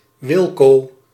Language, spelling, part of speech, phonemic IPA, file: Dutch, Wilco, proper noun, /ˈʋɪl.koː/, Nl-Wilco.ogg
- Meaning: a diminutive of the male given name Willem, equivalent to English Will